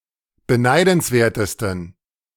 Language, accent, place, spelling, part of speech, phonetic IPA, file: German, Germany, Berlin, beneidenswertesten, adjective, [bəˈnaɪ̯dn̩sˌveːɐ̯təstn̩], De-beneidenswertesten.ogg
- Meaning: 1. superlative degree of beneidenswert 2. inflection of beneidenswert: strong genitive masculine/neuter singular superlative degree